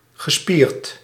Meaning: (adjective) muscular; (verb) past participle of spieren
- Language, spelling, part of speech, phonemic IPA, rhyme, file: Dutch, gespierd, adjective / verb, /ɣəˈspiːrt/, -iːrt, Nl-gespierd.ogg